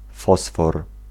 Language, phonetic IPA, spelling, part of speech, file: Polish, [ˈfɔsfɔr], fosfor, noun, Pl-fosfor.ogg